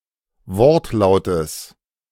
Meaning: genitive singular of Wortlaut
- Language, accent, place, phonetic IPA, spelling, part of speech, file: German, Germany, Berlin, [ˈvɔʁtˌlaʊ̯təs], Wortlautes, noun, De-Wortlautes.ogg